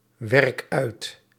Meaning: inflection of uitwerken: 1. first-person singular present indicative 2. second-person singular present indicative 3. imperative
- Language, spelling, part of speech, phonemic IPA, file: Dutch, werk uit, verb, /ˈwɛrᵊk ˈœyt/, Nl-werk uit.ogg